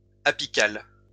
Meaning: apical (all senses)
- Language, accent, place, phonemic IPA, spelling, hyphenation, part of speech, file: French, France, Lyon, /a.pi.kal/, apical, a‧pi‧cal, adjective, LL-Q150 (fra)-apical.wav